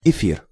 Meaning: 1. ether (organic chemistry: a compound containing an oxygen atom bonded to two hydrocarbon groups) 2. luminiferous aether, aether 3. ether 4. air, broadcast
- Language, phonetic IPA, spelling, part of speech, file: Russian, [ɪˈfʲir], эфир, noun, Ru-эфир.ogg